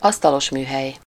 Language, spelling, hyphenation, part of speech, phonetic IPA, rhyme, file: Hungarian, asztalosműhely, asz‧ta‧los‧mű‧hely, noun, [ˈɒstɒloʃmyːɦɛj], -ɛj, Hu-asztalosműhely.ogg
- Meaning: joinery (shop), joiner's shop, carpentry (a workshop used for producing wooden products such as tables, doors, and cabinets)